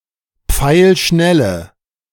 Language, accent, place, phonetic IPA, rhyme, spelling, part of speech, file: German, Germany, Berlin, [ˈp͡faɪ̯lˈʃnɛlə], -ɛlə, pfeilschnelle, adjective, De-pfeilschnelle.ogg
- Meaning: inflection of pfeilschnell: 1. strong/mixed nominative/accusative feminine singular 2. strong nominative/accusative plural 3. weak nominative all-gender singular